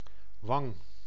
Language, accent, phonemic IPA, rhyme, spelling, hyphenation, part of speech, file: Dutch, Netherlands, /ʋɑŋ/, -ɑŋ, wang, wang, noun, Nl-wang.ogg
- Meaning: cheek